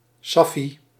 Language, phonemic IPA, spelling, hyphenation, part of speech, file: Dutch, /ˈsɑ.fi/, saffie, saf‧fie, noun, Nl-saffie.ogg
- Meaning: cigarette